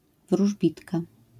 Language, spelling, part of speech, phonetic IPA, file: Polish, wróżbitka, noun, [vruʒˈbʲitka], LL-Q809 (pol)-wróżbitka.wav